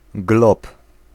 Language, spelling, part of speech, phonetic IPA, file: Polish, glob, noun, [ɡlɔp], Pl-glob.ogg